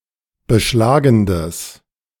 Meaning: strong/mixed nominative/accusative neuter singular of beschlagend
- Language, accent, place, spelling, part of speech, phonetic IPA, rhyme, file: German, Germany, Berlin, beschlagendes, adjective, [bəˈʃlaːɡn̩dəs], -aːɡn̩dəs, De-beschlagendes.ogg